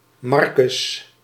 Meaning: 1. Mark (book of the Bible) 2. Mark (traditional author of the Gospel of Mark) 3. a male given name
- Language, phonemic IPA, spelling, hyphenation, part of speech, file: Dutch, /ˈmɑr.kʏs/, Marcus, Mar‧cus, proper noun, Nl-Marcus.ogg